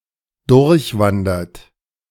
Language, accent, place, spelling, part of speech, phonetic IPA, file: German, Germany, Berlin, durchwandert, verb, [ˈdʊʁçˌvandɐt], De-durchwandert.ogg
- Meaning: past participle of durchwandern